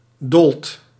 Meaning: inflection of dollen: 1. second/third-person singular present indicative 2. plural imperative
- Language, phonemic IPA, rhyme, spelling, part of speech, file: Dutch, /dɔlt/, -ɔlt, dolt, verb, Nl-dolt.ogg